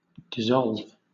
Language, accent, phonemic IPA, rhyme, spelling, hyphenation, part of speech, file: English, Southern England, /dɪˈzɒlv/, -ɒlv, dissolve, dis‧solve, verb / noun, LL-Q1860 (eng)-dissolve.wav
- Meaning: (verb) 1. To terminate a union of multiple members actively, as by disbanding 2. To destroy, make disappear 3. To liquify, melt into a fluid 4. To be melted, changed into a fluid